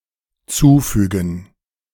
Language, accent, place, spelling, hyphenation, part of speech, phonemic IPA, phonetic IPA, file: German, Germany, Berlin, zufügen, zu‧fü‧gen, verb, /ˈtsuːˌfyːɡən/, [ˈtsuːˌfyːɡŋ], De-zufügen.ogg
- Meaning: 1. to cause (grief, pain); to inflict (damage) 2. to add 3. to enclose